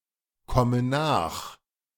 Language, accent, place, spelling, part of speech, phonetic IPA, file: German, Germany, Berlin, komme nach, verb, [ˌkɔmə ˈnaːx], De-komme nach.ogg
- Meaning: inflection of nachkommen: 1. first-person singular present 2. first/third-person singular subjunctive I 3. singular imperative